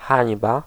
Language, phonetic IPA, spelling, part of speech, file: Polish, [ˈxãɲba], hańba, noun, Pl-hańba.ogg